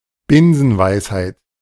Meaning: truism
- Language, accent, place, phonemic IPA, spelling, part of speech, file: German, Germany, Berlin, /ˈbɪnzənvaɪ̯shaɪ̯t/, Binsenweisheit, noun, De-Binsenweisheit.ogg